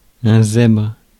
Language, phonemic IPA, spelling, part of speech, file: French, /zɛbʁ/, zèbre, noun / verb, Fr-zèbre.ogg
- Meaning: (noun) 1. zebra 2. guy, chap; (verb) inflection of zébrer: 1. first/third-person singular present indicative/subjunctive 2. second-person singular imperative